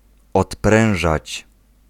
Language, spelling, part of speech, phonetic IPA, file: Polish, odprężać, verb, [ɔtˈprɛ̃w̃ʒat͡ɕ], Pl-odprężać.ogg